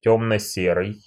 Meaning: dark gray
- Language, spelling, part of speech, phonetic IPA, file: Russian, тёмно-серый, adjective, [ˌtʲɵmnə ˈsʲerɨj], Ru-тёмно-серый.ogg